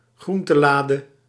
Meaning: alternative form of groentela
- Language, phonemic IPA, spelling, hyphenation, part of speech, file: Dutch, /ˈɣrun.təˌlaː.də/, groentelade, groen‧te‧la‧de, noun, Nl-groentelade.ogg